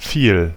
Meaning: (pronoun) much, a lot; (determiner) much, many
- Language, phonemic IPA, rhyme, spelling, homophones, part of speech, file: German, /fiːl/, -iːl, viel, fiel, pronoun / determiner / adverb, De-viel.ogg